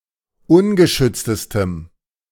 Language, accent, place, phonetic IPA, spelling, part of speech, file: German, Germany, Berlin, [ˈʊnɡəˌʃʏt͡stəstəm], ungeschütztestem, adjective, De-ungeschütztestem.ogg
- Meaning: strong dative masculine/neuter singular superlative degree of ungeschützt